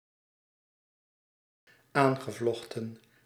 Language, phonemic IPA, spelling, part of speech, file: Dutch, /ˈaŋɣəˌvoxtə(n)/, aangevochten, verb, Nl-aangevochten.ogg
- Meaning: past participle of aanvechten